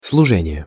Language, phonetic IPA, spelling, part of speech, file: Russian, [sɫʊˈʐɛnʲɪje], служение, noun, Ru-служение.ogg
- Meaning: service, ministration